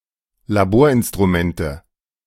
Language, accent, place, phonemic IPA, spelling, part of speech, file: German, Germany, Berlin, /laˈboːɐ̯ʔɪnstʁuˌmɛntə/, Laborinstrumente, noun, De-Laborinstrumente.ogg
- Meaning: 1. nominative/accusative/genitive plural of Laborinstrument 2. dative singular of Laborinstrument